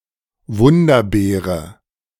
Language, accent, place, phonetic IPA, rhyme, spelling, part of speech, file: German, Germany, Berlin, [ˈvʊndɐˌbeːʁə], -ʊndɐbeːʁə, Wunderbeere, noun, De-Wunderbeere.ogg
- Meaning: miracle berry